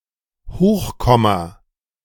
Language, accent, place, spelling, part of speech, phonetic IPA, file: German, Germany, Berlin, Hochkomma, noun, [ˈhoːxˌkɔma], De-Hochkomma.ogg
- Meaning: apostrophe